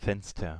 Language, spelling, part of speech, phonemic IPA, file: German, Fenster, noun, /ˈfɛnstɐ/, De-Fenster.ogg
- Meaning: 1. window 2. time frame